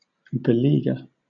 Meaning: 1. To besiege; to surround with troops 2. To vex, harass, or beset 3. To exhaust
- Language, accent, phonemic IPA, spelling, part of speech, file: English, Southern England, /bɪˈliː.ɡə/, beleaguer, verb, LL-Q1860 (eng)-beleaguer.wav